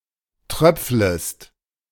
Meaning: second-person singular subjunctive I of tröpfeln
- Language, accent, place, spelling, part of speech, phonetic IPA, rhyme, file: German, Germany, Berlin, tröpflest, verb, [ˈtʁœp͡fləst], -œp͡fləst, De-tröpflest.ogg